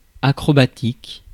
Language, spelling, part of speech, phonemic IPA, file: French, acrobatique, adjective, /a.kʁɔ.ba.tik/, Fr-acrobatique.ogg
- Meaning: acrobatic